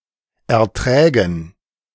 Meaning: dative plural of Ertrag
- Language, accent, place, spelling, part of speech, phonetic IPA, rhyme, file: German, Germany, Berlin, Erträgen, noun, [ɛɐ̯ˈtʁɛːɡn̩], -ɛːɡn̩, De-Erträgen.ogg